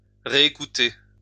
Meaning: to listen again
- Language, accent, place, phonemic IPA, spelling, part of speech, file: French, France, Lyon, /ʁe.e.ku.te/, réécouter, verb, LL-Q150 (fra)-réécouter.wav